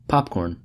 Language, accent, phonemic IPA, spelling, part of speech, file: English, US, /ˈpɑp.kɔɹn/, popcorn, noun / verb, En-us-popcorn.ogg
- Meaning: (noun) A snack food made from corn or maize kernels popped by dry heating